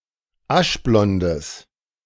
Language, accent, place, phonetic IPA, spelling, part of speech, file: German, Germany, Berlin, [ˈaʃˌblɔndəs], aschblondes, adjective, De-aschblondes.ogg
- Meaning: strong/mixed nominative/accusative neuter singular of aschblond